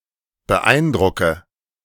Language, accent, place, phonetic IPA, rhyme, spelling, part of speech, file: German, Germany, Berlin, [bəˈʔaɪ̯nˌdʁʊkə], -aɪ̯ndʁʊkə, beeindrucke, verb, De-beeindrucke.ogg
- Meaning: inflection of beeindrucken: 1. first-person singular present 2. first/third-person singular subjunctive I 3. singular imperative